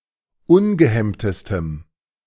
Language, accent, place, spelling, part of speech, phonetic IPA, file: German, Germany, Berlin, ungehemmtestem, adjective, [ˈʊnɡəˌhɛmtəstəm], De-ungehemmtestem.ogg
- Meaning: strong dative masculine/neuter singular superlative degree of ungehemmt